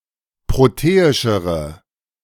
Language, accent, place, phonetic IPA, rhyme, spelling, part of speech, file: German, Germany, Berlin, [ˌpʁoˈteːɪʃəʁə], -eːɪʃəʁə, proteischere, adjective, De-proteischere.ogg
- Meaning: inflection of proteisch: 1. strong/mixed nominative/accusative feminine singular comparative degree 2. strong nominative/accusative plural comparative degree